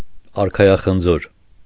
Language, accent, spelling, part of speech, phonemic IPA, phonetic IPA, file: Armenian, Eastern Armenian, արքայախնձոր, noun, /ɑɾkʰɑjɑχənˈd͡zoɾ/, [ɑɾkʰɑjɑχənd͡zóɾ], Hy-արքայախնձոր.ogg
- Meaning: pineapple